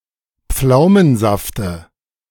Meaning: dative of Pflaumensaft
- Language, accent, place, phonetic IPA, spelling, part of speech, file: German, Germany, Berlin, [ˈp͡flaʊ̯mənˌzaftə], Pflaumensafte, noun, De-Pflaumensafte.ogg